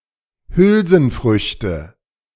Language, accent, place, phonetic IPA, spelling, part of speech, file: German, Germany, Berlin, [ˈhʏlzn̩ˌfʁʏçtə], Hülsenfrüchte, noun, De-Hülsenfrüchte.ogg
- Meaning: nominative/accusative/genitive plural of Hülsenfrucht